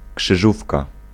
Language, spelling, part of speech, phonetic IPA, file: Polish, krzyżówka, noun, [kʃɨˈʒufka], Pl-krzyżówka.ogg